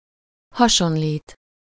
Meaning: 1. to resemble, look like, take after (to be similar in appearance) 2. to compare (-hoz/-hez/-höz)
- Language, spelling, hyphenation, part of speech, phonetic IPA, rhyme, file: Hungarian, hasonlít, ha‧son‧lít, verb, [ˈhɒʃonliːt], -iːt, Hu-hasonlít.ogg